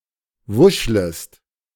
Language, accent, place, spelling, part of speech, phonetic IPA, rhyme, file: German, Germany, Berlin, wuschlest, verb, [ˈvʊʃləst], -ʊʃləst, De-wuschlest.ogg
- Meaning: second-person singular subjunctive I of wuscheln